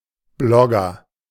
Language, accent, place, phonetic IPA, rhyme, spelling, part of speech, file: German, Germany, Berlin, [ˈblɔɡɐ], -ɔɡɐ, Blogger, noun, De-Blogger.ogg
- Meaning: blogger (male or of unspecified gender)